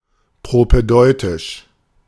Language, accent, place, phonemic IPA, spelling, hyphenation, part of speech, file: German, Germany, Berlin, /pʁopɛˈdɔɪ̯tɪʃ/, propädeutisch, pro‧pä‧deu‧tisch, adjective, De-propädeutisch.ogg
- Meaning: propaedeutic (“providing preparatory or introductory teaching”)